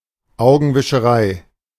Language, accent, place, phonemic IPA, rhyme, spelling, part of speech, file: German, Germany, Berlin, /ˌaʊ̯ɡn̩vɪʃəˈʁaɪ̯/, -aɪ̯, Augenwischerei, noun, De-Augenwischerei.ogg
- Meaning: eyewash, window dressing (something creating a deceptively favourable impression; something for appearance only)